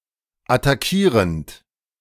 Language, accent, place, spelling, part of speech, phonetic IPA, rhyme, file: German, Germany, Berlin, attackierend, verb, [ataˈkiːʁənt], -iːʁənt, De-attackierend.ogg
- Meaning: present participle of attackieren